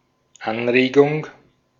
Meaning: 1. stimulus, excitation 2. suggestion, proposal
- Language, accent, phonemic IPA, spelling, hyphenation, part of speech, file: German, Austria, /ˈanʁeːɡʊŋ/, Anregung, An‧re‧gung, noun, De-at-Anregung.ogg